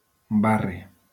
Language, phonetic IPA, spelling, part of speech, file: Catalan, [ˈba.ri], barri, noun, LL-Q7026 (cat)-barri.wav
- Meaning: 1. courtyard 2. district, neighbourhood, quarter